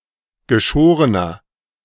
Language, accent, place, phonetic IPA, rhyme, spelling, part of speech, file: German, Germany, Berlin, [ɡəˈʃoːʁənɐ], -oːʁənɐ, geschorener, adjective, De-geschorener.ogg
- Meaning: inflection of geschoren: 1. strong/mixed nominative masculine singular 2. strong genitive/dative feminine singular 3. strong genitive plural